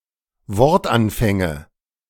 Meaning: nominative/accusative/genitive plural of Wortanfang
- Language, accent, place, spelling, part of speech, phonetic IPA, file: German, Germany, Berlin, Wortanfänge, noun, [ˈvɔʁtˌʔanfɛŋə], De-Wortanfänge.ogg